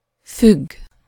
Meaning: 1. to hang on something 2. to depend on someone or something (with -tól/-től)
- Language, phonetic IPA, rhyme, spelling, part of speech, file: Hungarian, [ˈfyɡː], -yɡː, függ, verb, Hu-függ.ogg